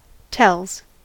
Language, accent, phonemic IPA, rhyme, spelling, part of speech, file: English, US, /tɛlz/, -ɛlz, tells, verb / noun, En-us-tells.ogg
- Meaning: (verb) third-person singular simple present indicative of tell; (noun) plural of tell